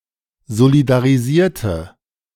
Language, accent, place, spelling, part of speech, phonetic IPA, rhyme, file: German, Germany, Berlin, solidarisierte, adjective / verb, [zolidaʁiˈziːɐ̯tə], -iːɐ̯tə, De-solidarisierte.ogg
- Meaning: inflection of solidarisieren: 1. first/third-person singular preterite 2. first/third-person singular subjunctive II